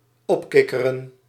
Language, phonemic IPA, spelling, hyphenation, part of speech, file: Dutch, /ˈɔpˌkɪ.kə.rə(n)/, opkikkeren, op‧kik‧ke‧ren, verb, Nl-opkikkeren.ogg
- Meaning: to cheer up